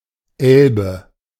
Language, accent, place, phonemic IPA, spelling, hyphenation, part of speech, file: German, Germany, Berlin, /ˈɛlbə/, Elbe, El‧be, proper noun / noun, De-Elbe.ogg
- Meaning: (proper noun) Elbe (a major river in central Europe that passes through the Czech Republic and Germany before flowing into the North Sea); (noun) alternative form of Elb (“elf”)